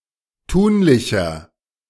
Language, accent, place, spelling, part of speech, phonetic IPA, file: German, Germany, Berlin, tunlicher, adjective, [ˈtuːnlɪçɐ], De-tunlicher.ogg
- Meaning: 1. comparative degree of tunlich 2. inflection of tunlich: strong/mixed nominative masculine singular 3. inflection of tunlich: strong genitive/dative feminine singular